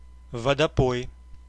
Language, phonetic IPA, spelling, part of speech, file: Russian, [vədɐˈpoj], водопой, noun, Ru-водопой.ogg
- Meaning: 1. watering hole, pond, horse pond 2. watering